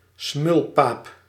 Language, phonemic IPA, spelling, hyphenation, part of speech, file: Dutch, /ˈsmʏl.paːp/, smulpaap, smul‧paap, noun, Nl-smulpaap.ogg
- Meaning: glutton, gourmand